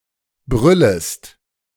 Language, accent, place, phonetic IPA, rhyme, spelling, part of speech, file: German, Germany, Berlin, [ˈbʁʏləst], -ʏləst, brüllest, verb, De-brüllest.ogg
- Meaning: second-person singular subjunctive I of brüllen